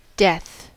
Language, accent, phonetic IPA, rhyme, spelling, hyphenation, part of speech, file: English, US, [dɛθ], -ɛθ, death, death, noun, En-us-death.ogg
- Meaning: The cessation of life and all associated processes; the end of an organism's existence as an entity independent from its environment and its return to an inert, non-living state